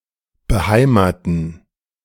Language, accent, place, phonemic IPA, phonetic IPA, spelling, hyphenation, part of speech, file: German, Germany, Berlin, /bəˈhaɪ̯maːtən/, [bəˈhaɪ̯maːtn̩], beheimaten, be‧hei‧ma‧ten, verb, De-beheimaten.ogg
- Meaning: 1. to be or become home to someone, something 2. to give a person a (new) homeland/home; to make something homelike for someone